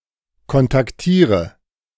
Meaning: inflection of kontaktieren: 1. first-person singular present 2. first/third-person singular subjunctive I 3. singular imperative
- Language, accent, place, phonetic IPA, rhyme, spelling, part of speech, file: German, Germany, Berlin, [kɔntakˈtiːʁə], -iːʁə, kontaktiere, verb, De-kontaktiere.ogg